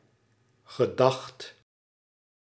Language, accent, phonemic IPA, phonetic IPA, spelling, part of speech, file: Dutch, Netherlands, /ɣəˈdɑxt/, [χəˈdɑχt], gedacht, noun / verb, Nl-gedacht.ogg
- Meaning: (noun) opinion; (verb) 1. singular past indicative of gedenken 2. past participle of denken 3. past participle of gedenken